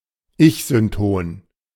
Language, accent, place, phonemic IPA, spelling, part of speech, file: German, Germany, Berlin, /ˈɪçzʏnˌtoːn/, ich-synton, adjective, De-ich-synton.ogg
- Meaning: egosyntonic